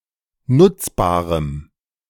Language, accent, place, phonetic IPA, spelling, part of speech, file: German, Germany, Berlin, [ˈnʊt͡sˌbaːʁəm], nutzbarem, adjective, De-nutzbarem.ogg
- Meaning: strong dative masculine/neuter singular of nutzbar